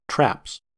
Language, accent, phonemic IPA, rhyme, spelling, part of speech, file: English, General American, /tɹæps/, -æps, traps, noun / verb, En-us-traps.ogg
- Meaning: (noun) 1. plural of trap 2. A trap set (drum kit) 3. Archaic form of trappings (“clothing, equipment; horse coverings”); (verb) third-person singular simple present indicative of trap